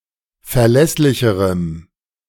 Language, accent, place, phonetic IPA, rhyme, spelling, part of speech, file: German, Germany, Berlin, [fɛɐ̯ˈlɛslɪçəʁəm], -ɛslɪçəʁəm, verlässlicherem, adjective, De-verlässlicherem.ogg
- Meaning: strong dative masculine/neuter singular comparative degree of verlässlich